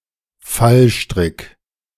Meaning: pitfall
- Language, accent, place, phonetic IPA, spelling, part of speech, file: German, Germany, Berlin, [ˈfalˌʃtʁɪk], Fallstrick, noun, De-Fallstrick.ogg